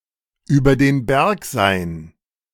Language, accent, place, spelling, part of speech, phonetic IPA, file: German, Germany, Berlin, über den Berg sein, verb, [ˌyːbɐ deːn ˈbɛʁk zaɪ̯n], De-über den Berg sein.ogg
- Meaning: to be over the hump; to turn the corner, to get out of the woods